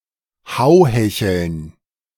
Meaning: plural of Hauhechel
- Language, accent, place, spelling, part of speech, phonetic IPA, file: German, Germany, Berlin, Hauhecheln, noun, [ˈhaʊ̯hɛçəln], De-Hauhecheln.ogg